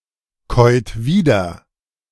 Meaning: inflection of wiederkäuen: 1. second-person plural present 2. third-person singular present 3. plural imperative
- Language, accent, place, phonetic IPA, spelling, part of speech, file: German, Germany, Berlin, [ˌkɔɪ̯t ˈviːdɐ], käut wieder, verb, De-käut wieder.ogg